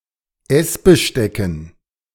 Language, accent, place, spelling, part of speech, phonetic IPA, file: German, Germany, Berlin, Essbestecken, noun, [ˈɛsbəˌʃtɛkn̩], De-Essbestecken.ogg
- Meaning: dative plural of Essbesteck